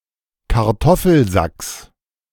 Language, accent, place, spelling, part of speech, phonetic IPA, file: German, Germany, Berlin, Kartoffelsacks, noun, [kaʁˈtɔfl̩ˌzaks], De-Kartoffelsacks.ogg
- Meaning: genitive of Kartoffelsack